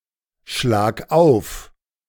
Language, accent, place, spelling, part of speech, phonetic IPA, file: German, Germany, Berlin, schlag auf, verb, [ˌʃlaːk ˈaʊ̯f], De-schlag auf.ogg
- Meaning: singular imperative of aufschlagen